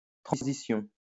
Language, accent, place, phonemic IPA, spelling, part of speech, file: French, France, Lyon, /tʁɑ̃.zi.sjɔ̃/, transition, noun, LL-Q150 (fra)-transition.wav
- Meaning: transition